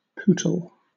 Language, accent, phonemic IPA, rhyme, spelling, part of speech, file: English, Southern England, /ˈpuːtəl/, -uːtəl, pootle, noun / verb, LL-Q1860 (eng)-pootle.wav
- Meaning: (noun) A stroll; a wandering; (verb) To wander or ramble in a leisurely, indirect, or aimless manner, such as by walking or driving